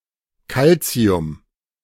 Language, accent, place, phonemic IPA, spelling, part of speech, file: German, Germany, Berlin, /ˈkaltsi̯ʊm/, Kalzium, noun, De-Kalzium.ogg
- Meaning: calcium